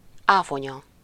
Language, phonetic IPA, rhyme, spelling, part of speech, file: Hungarian, [ˈaːfoɲɒ], -ɲɒ, áfonya, noun, Hu-áfonya.ogg
- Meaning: Vaccinium, a genus of shrubs in the plant family Ericaceae including the bilberry, bog bilberry, cowberry and cranberry